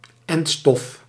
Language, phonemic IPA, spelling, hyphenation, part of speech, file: Dutch, /ˈɛnt.stɔf/, entstof, ent‧stof, noun, Nl-entstof.ogg
- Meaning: vaccine